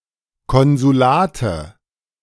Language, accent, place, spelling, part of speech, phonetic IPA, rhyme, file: German, Germany, Berlin, Konsulate, noun, [ˌkɔnzuˈlaːtə], -aːtə, De-Konsulate.ogg
- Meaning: nominative/accusative/genitive plural of Konsulat